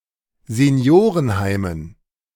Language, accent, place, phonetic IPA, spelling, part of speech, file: German, Germany, Berlin, [zeˈni̯oːʁənˌhaɪ̯mən], Seniorenheimen, noun, De-Seniorenheimen.ogg
- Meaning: dative plural of Seniorenheim